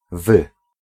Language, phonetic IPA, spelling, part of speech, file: Polish, [vɨ], wy, pronoun, Pl-wy.ogg